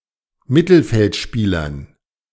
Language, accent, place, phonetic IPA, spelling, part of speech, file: German, Germany, Berlin, [ˈmɪtl̩fɛltˌʃpiːlɐn], Mittelfeldspielern, noun, De-Mittelfeldspielern.ogg
- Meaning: dative plural of Mittelfeldspieler